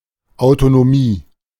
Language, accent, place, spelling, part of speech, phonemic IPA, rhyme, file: German, Germany, Berlin, Autonomie, noun, /aʊ̯tonoˈmiː/, -iː, De-Autonomie.ogg
- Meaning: autonomy